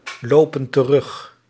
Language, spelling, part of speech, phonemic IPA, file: Dutch, lopen terug, verb, /ˈlopə(n) t(ə)ˈrʏx/, Nl-lopen terug.ogg
- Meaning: inflection of teruglopen: 1. plural present indicative 2. plural present subjunctive